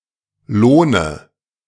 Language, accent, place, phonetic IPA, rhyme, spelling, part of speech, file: German, Germany, Berlin, [ˈloːnə], -oːnə, lohne, verb, De-lohne.ogg
- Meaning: inflection of lohnen: 1. first-person singular present 2. first/third-person singular subjunctive I 3. singular imperative